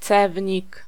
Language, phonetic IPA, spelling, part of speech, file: Polish, [ˈt͡sɛvʲɲik], cewnik, noun, Pl-cewnik.ogg